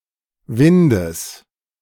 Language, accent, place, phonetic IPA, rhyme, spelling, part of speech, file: German, Germany, Berlin, [ˈvɪndəs], -ɪndəs, Windes, noun, De-Windes.ogg
- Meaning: genitive singular of Wind